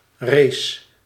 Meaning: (noun) diarrhea, the runs, the squits, the squirts; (verb) singular past indicative of rijzen
- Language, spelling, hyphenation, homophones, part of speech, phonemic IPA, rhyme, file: Dutch, rees, rees, race, noun / verb, /reːs/, -eːs, Nl-rees.ogg